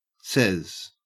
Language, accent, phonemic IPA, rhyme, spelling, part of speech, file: English, Australia, /sɛz/, -ɛz, sez, verb, En-au-sez.ogg
- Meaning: Eye dialect spelling of says